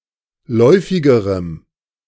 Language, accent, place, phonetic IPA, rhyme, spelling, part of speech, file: German, Germany, Berlin, [ˈlɔɪ̯fɪɡəʁəm], -ɔɪ̯fɪɡəʁəm, läufigerem, adjective, De-läufigerem.ogg
- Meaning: strong dative masculine/neuter singular comparative degree of läufig